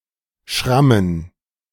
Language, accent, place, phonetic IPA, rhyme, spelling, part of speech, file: German, Germany, Berlin, [ˈʃʁamən], -amən, Schrammen, noun, De-Schrammen.ogg
- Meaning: plural of Schramme